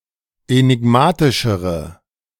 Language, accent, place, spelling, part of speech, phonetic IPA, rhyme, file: German, Germany, Berlin, enigmatischere, adjective, [enɪˈɡmaːtɪʃəʁə], -aːtɪʃəʁə, De-enigmatischere.ogg
- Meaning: inflection of enigmatisch: 1. strong/mixed nominative/accusative feminine singular comparative degree 2. strong nominative/accusative plural comparative degree